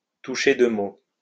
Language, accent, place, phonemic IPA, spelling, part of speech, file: French, France, Lyon, /tu.ʃe dø mo/, toucher deux mots, verb, LL-Q150 (fra)-toucher deux mots.wav
- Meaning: alternative form of toucher un mot